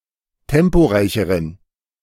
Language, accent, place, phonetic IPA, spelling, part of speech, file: German, Germany, Berlin, [ˈtɛmpoˌʁaɪ̯çəʁən], temporeicheren, adjective, De-temporeicheren.ogg
- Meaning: inflection of temporeich: 1. strong genitive masculine/neuter singular comparative degree 2. weak/mixed genitive/dative all-gender singular comparative degree